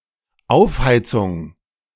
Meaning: heating up
- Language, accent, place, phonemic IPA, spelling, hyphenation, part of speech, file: German, Germany, Berlin, /ˈaʊ̯fˌhaɪ̯t͡sʊŋ/, Aufheizung, Auf‧hei‧zung, noun, De-Aufheizung.ogg